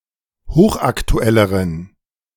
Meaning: inflection of hochaktuell: 1. strong genitive masculine/neuter singular comparative degree 2. weak/mixed genitive/dative all-gender singular comparative degree
- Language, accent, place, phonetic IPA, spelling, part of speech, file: German, Germany, Berlin, [ˈhoːxʔaktuˌɛləʁən], hochaktuelleren, adjective, De-hochaktuelleren.ogg